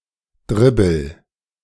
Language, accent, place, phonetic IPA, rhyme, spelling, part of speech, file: German, Germany, Berlin, [ˈdʁɪbl̩], -ɪbl̩, dribbel, verb, De-dribbel.ogg
- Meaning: inflection of dribbeln: 1. first-person singular present 2. singular imperative